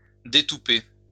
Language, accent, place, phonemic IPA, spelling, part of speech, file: French, France, Lyon, /de.tu.pe/, détouper, verb, LL-Q150 (fra)-détouper.wav
- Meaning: "to unstop, to take out the bung or stopple; to take the tow out of"